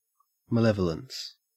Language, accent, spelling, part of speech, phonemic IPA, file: English, Australia, malevolence, noun, /məˈlɛvələns/, En-au-malevolence.ogg
- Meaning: 1. Hostile attitude or feeling 2. Behavior exhibiting a hostile attitude